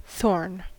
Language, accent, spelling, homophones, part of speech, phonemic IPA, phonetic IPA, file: English, US, thorn, faun, noun / verb, /θoɹn/, [θo̞ɹn], En-us-thorn.ogg
- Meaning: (noun) 1. A modified branch that is hard and sharp like a spike 2. Any thorn-like structure on plants, such as the spine and the prickle